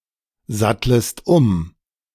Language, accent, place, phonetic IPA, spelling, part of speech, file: German, Germany, Berlin, [ˌzatləst ˈʊm], sattlest um, verb, De-sattlest um.ogg
- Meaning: second-person singular subjunctive I of umsatteln